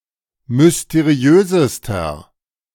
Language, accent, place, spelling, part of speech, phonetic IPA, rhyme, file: German, Germany, Berlin, mysteriösester, adjective, [mʏsteˈʁi̯øːzəstɐ], -øːzəstɐ, De-mysteriösester.ogg
- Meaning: inflection of mysteriös: 1. strong/mixed nominative masculine singular superlative degree 2. strong genitive/dative feminine singular superlative degree 3. strong genitive plural superlative degree